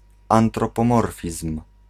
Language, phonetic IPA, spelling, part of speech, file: Polish, [ˌãntrɔpɔ̃ˈmɔrfʲism̥], antropomorfizm, noun, Pl-antropomorfizm.ogg